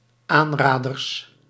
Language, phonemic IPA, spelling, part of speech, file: Dutch, /ˈanradərs/, aanraders, noun, Nl-aanraders.ogg
- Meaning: plural of aanrader